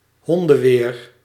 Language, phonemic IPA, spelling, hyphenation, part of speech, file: Dutch, /ˈɦɔn.də(n)ˌʋeːr/, hondenweer, hon‧den‧weer, noun, Nl-hondenweer.ogg
- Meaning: particularly bad or rough weather, the kind of weather when it is raining cats and dogs